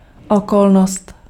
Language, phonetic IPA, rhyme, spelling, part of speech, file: Czech, [ˈokolnost], -olnost, okolnost, noun, Cs-okolnost.ogg
- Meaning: circumstance